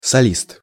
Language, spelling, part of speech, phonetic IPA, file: Russian, солист, noun, [sɐˈlʲist], Ru-солист.ogg
- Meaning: 1. soloist, solo performer 2. lead vocalist, principal performer